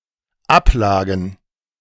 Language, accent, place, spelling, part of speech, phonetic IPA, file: German, Germany, Berlin, Ablagen, noun, [ˈapˌlaːɡn̩], De-Ablagen.ogg
- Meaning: plural of Ablage